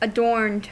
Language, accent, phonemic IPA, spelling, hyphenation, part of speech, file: English, US, /əˈdɔɹnd/, adorned, adorned, verb / adjective, En-us-adorned.ogg
- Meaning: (verb) simple past and past participle of adorn; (adjective) Having been decorated or embellished through applied items or alterations (adornments)